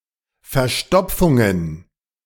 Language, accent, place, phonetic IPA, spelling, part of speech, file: German, Germany, Berlin, [fɛɐ̯ˈʃtɔp͡fʊŋən], Verstopfungen, noun, De-Verstopfungen.ogg
- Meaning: plural of Verstopfung